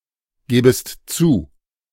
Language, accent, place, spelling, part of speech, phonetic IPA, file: German, Germany, Berlin, gebest zu, verb, [ˌɡeːbəst ˈt͡suː], De-gebest zu.ogg
- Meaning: second-person singular subjunctive I of zugeben